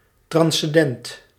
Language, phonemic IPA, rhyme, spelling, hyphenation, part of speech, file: Dutch, /ˌtrɑn.sɛnˈdɛnt/, -ɛnt, transcendent, trans‧cen‧dent, adjective, Nl-transcendent.ogg
- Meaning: transcendental, not algebraic